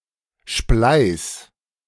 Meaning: singular imperative of spleißen
- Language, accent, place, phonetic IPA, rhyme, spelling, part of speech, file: German, Germany, Berlin, [ʃplaɪ̯s], -aɪ̯s, spleiß, verb, De-spleiß.ogg